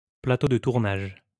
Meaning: film set
- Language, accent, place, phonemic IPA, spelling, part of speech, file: French, France, Lyon, /pla.to də tuʁ.naʒ/, plateau de tournage, noun, LL-Q150 (fra)-plateau de tournage.wav